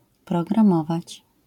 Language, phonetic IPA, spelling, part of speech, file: Polish, [ˌprɔɡrãˈmɔvat͡ɕ], programować, verb, LL-Q809 (pol)-programować.wav